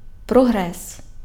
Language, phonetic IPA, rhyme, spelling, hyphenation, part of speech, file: Ukrainian, [prɔˈɦrɛs], -ɛs, прогрес, про‧грес, noun, Uk-прогрес.ogg
- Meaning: progress